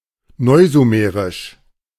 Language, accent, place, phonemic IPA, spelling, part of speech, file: German, Germany, Berlin, /ˌnɔɪ̯zuˈmeːʁɪʃ/, neusumerisch, adjective, De-neusumerisch.ogg
- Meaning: Neo-Sumerian